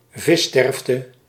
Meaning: 1. mass death of fish 2. fish mortality
- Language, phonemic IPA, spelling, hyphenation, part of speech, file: Dutch, /ˈvɪˌstɛrf.tə/, vissterfte, vis‧sterf‧te, noun, Nl-vissterfte.ogg